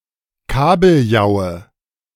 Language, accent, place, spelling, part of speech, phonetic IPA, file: German, Germany, Berlin, Kabeljaue, noun, [ˈkaːbl̩ˌjaʊ̯ə], De-Kabeljaue.ogg
- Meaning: nominative/accusative/genitive plural of Kabeljau